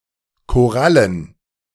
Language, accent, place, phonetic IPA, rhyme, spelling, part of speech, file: German, Germany, Berlin, [koˈʁalən], -alən, Korallen, noun, De-Korallen.ogg
- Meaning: plural of Koralle